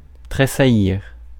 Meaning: 1. to thrill, shiver, quiver 2. to vibrate 3. to twitch, start, shudder, jump
- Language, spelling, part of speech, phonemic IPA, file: French, tressaillir, verb, /tʁe.sa.jiʁ/, Fr-tressaillir.ogg